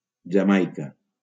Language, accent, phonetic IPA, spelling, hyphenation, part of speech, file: Catalan, Valencia, [d͡ʒaˈmaj.ka], Jamaica, Ja‧mai‧ca, proper noun, LL-Q7026 (cat)-Jamaica.wav
- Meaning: Jamaica (an island and country in the Caribbean)